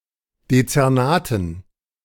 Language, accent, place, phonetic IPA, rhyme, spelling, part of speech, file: German, Germany, Berlin, [det͡sɛʁˈnaːtn̩], -aːtn̩, Dezernaten, noun, De-Dezernaten.ogg
- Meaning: dative plural of Dezernat